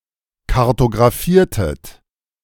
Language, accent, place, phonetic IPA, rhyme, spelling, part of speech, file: German, Germany, Berlin, [kaʁtoɡʁaˈfiːɐ̯tət], -iːɐ̯tət, kartographiertet, verb, De-kartographiertet.ogg
- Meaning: inflection of kartographieren: 1. second-person plural preterite 2. second-person plural subjunctive II